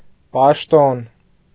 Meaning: 1. position; job; post; office 2. duty, obligation 3. function; duty; role 4. religious worship
- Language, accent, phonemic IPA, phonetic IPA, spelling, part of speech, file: Armenian, Eastern Armenian, /pɑʃˈton/, [pɑʃtón], պաշտոն, noun, Hy-պաշտոն.ogg